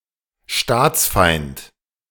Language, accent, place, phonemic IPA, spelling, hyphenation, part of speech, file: German, Germany, Berlin, /ˈʃtaːt͡sˌfaɪ̯nt/, Staatsfeind, Staats‧feind, noun, De-Staatsfeind.ogg
- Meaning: enemy of the state